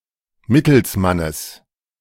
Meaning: genitive singular of Mittelsmann
- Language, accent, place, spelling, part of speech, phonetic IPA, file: German, Germany, Berlin, Mittelsmannes, noun, [ˈmɪtl̩sˌmanəs], De-Mittelsmannes.ogg